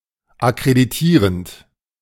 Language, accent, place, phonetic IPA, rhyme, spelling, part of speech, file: German, Germany, Berlin, [akʁediˈtiːʁənt], -iːʁənt, akkreditierend, verb, De-akkreditierend.ogg
- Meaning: present participle of akkreditieren